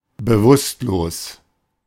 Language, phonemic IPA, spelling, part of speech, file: German, /bəˈvʊstloːs/, bewusstlos, adjective, De-bewusstlos.oga
- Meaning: unconscious (not conscious, not awake)